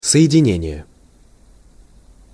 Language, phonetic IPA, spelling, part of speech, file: Russian, [sə(j)ɪdʲɪˈnʲenʲɪje], соединение, noun, Ru-соединение.ogg
- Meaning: 1. joining, junction 2. connection 3. combination, union 4. joint, junction 5. compound 6. formation (refers to a corps, a division, or a brigade; also informally, an army) 7. combination